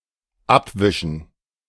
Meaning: to wipe off, wipe away
- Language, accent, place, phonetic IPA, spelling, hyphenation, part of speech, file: German, Germany, Berlin, [ˈapˌvɪʃn̩], abwischen, ab‧wi‧schen, verb, De-abwischen.ogg